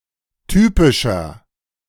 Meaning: inflection of typisch: 1. strong/mixed nominative masculine singular 2. strong genitive/dative feminine singular 3. strong genitive plural
- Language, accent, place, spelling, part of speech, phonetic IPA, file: German, Germany, Berlin, typischer, adjective, [ˈtyːpɪʃɐ], De-typischer.ogg